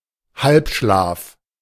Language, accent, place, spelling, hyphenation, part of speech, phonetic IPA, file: German, Germany, Berlin, Halbschlaf, Halb‧schlaf, noun, [ˈhalpˌʃlaːf], De-Halbschlaf.ogg
- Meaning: doze (The state of being half asleep.)